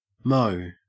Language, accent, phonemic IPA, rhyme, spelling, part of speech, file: English, Australia, /məʊ/, -əʊ, moe, adverb / noun / verb, En-au-moe.ogg
- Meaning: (adverb) 1. Obsolete form of mo 2. Obsolete form of more; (noun) 1. Obsolete form of mow (“wry face, grimace”) 2. Obsolete form of moa; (verb) Obsolete form of moo